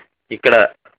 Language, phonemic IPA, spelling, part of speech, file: Telugu, /ikːaɖa/, ఇక్కడ, adverb / noun, Te-ఇక్కడ.ogg
- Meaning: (adverb) here, in this place; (noun) here, this place